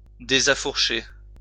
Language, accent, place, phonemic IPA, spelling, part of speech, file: French, France, Lyon, /de.za.fuʁ.ʃe/, désaffourcher, verb, LL-Q150 (fra)-désaffourcher.wav
- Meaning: to unmoor or heave up an anchor